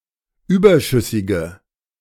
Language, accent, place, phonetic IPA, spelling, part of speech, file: German, Germany, Berlin, [ˈyːbɐˌʃʏsɪɡə], überschüssige, adjective, De-überschüssige.ogg
- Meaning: inflection of überschüssig: 1. strong/mixed nominative/accusative feminine singular 2. strong nominative/accusative plural 3. weak nominative all-gender singular